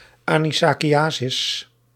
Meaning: anisakiasis
- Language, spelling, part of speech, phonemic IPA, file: Dutch, anisakiasis, noun, /ˌɑnisɑkiˈjaːsɪs/, Nl-anisakiasis.ogg